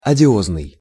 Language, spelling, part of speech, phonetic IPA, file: Russian, одиозный, adjective, [ɐdʲɪˈoznɨj], Ru-одиозный.ogg
- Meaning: odious, extremely unpleasant